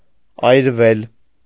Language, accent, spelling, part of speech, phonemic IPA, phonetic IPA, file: Armenian, Eastern Armenian, այրվել, verb, /ɑjɾˈvel/, [ɑjɾvél], Hy-այրվել.ogg
- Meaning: 1. mediopassive of այրել (ayrel) 2. mediopassive of այրել (ayrel): to burn, to be consumed by fire